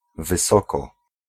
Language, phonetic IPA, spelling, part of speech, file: Polish, [vɨˈsɔkɔ], wysoko, adverb, Pl-wysoko.ogg